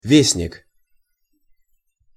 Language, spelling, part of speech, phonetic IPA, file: Russian, вестник, noun, [ˈvʲesnʲɪk], Ru-вестник.ogg
- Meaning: 1. messenger, herald 2. bulletin